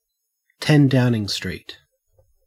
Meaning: 1. The address of the residence in London of the Prime Minister of the United Kingdom 2. The title or office of the Prime Minister 3. The government of the United Kingdom
- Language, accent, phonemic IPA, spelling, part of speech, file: English, Australia, /ˌtɛn ˈdaʊnɪŋ stɹiːt/, 10 Downing Street, proper noun, En-au-10 Downing Street.ogg